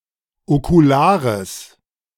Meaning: strong/mixed nominative/accusative neuter singular of okular
- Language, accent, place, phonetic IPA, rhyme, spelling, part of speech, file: German, Germany, Berlin, [okuˈlaːʁəs], -aːʁəs, okulares, adjective, De-okulares.ogg